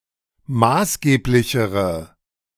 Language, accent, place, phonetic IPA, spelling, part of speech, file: German, Germany, Berlin, [ˈmaːsˌɡeːplɪçəʁə], maßgeblichere, adjective, De-maßgeblichere.ogg
- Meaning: inflection of maßgeblich: 1. strong/mixed nominative/accusative feminine singular comparative degree 2. strong nominative/accusative plural comparative degree